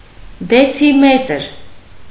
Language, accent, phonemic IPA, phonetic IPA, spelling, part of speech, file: Armenian, Eastern Armenian, /det͡sʰiˈmetəɾ/, [det͡sʰimétəɾ], դեցիմետր, noun, Hy-դեցիմետր.ogg
- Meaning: decimetre/decimeter